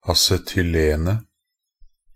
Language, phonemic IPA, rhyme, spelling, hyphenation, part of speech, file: Norwegian Bokmål, /asɛtʏˈleːnə/, -eːnə, acetylenet, a‧ce‧tyl‧en‧et, noun, Nb-acetylenet.ogg
- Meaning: definite singular of acetylen